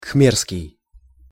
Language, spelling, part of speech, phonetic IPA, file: Russian, кхмерский, adjective, [ˈkxmʲerskʲɪj], Ru-кхмерский.ogg
- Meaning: Khmer